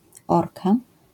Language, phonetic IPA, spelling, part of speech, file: Polish, [ˈɔrka], orka, noun, LL-Q809 (pol)-orka.wav